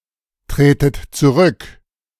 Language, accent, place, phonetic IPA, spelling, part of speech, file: German, Germany, Berlin, [ˌtʁeːtət t͡suˈʁʏk], tretet zurück, verb, De-tretet zurück.ogg
- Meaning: inflection of zurücktreten: 1. second-person plural present 2. second-person plural subjunctive I 3. plural imperative